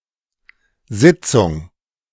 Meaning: 1. meeting 2. session 3. assembly 4. sitting
- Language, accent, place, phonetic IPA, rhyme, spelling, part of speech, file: German, Germany, Berlin, [ˈzɪt͡sʊŋ], -ɪt͡sʊŋ, Sitzung, noun, De-Sitzung.ogg